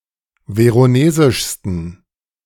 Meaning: 1. superlative degree of veronesisch 2. inflection of veronesisch: strong genitive masculine/neuter singular superlative degree
- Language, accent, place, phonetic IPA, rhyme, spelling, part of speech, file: German, Germany, Berlin, [ˌveʁoˈneːzɪʃstn̩], -eːzɪʃstn̩, veronesischsten, adjective, De-veronesischsten.ogg